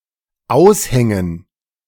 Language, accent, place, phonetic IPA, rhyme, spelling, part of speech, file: German, Germany, Berlin, [ˈaʊ̯sˌhɛŋən], -aʊ̯shɛŋən, Aushängen, noun, De-Aushängen.ogg
- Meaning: dative plural of Aushang